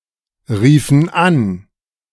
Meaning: inflection of anrufen: 1. first/third-person plural preterite 2. first/third-person plural subjunctive II
- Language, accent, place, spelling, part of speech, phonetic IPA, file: German, Germany, Berlin, riefen an, verb, [ˌʁiːfn̩ ˈan], De-riefen an.ogg